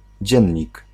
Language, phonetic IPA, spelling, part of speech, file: Polish, [ˈd͡ʑɛ̇̃ɲːik], dziennik, noun, Pl-dziennik.ogg